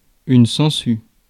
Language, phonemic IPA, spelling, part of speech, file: French, /sɑ̃.sy/, sangsue, noun, Fr-sangsue.ogg
- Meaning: leech